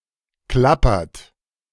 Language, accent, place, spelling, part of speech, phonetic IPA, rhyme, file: German, Germany, Berlin, klappert, verb, [ˈklapɐt], -apɐt, De-klappert.ogg
- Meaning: inflection of klappern: 1. third-person singular present 2. second-person plural present 3. plural imperative